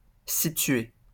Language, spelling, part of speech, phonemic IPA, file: French, situé, verb, /si.tɥe/, LL-Q150 (fra)-situé.wav
- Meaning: past participle of situer